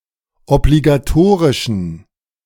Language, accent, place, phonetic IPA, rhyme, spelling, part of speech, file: German, Germany, Berlin, [ɔbliɡaˈtoːʁɪʃn̩], -oːʁɪʃn̩, obligatorischen, adjective, De-obligatorischen.ogg
- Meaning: inflection of obligatorisch: 1. strong genitive masculine/neuter singular 2. weak/mixed genitive/dative all-gender singular 3. strong/weak/mixed accusative masculine singular 4. strong dative plural